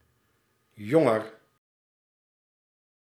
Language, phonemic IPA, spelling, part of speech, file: Dutch, /ˈjɔŋər/, jonger, adjective, Nl-jonger.ogg
- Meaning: comparative degree of jong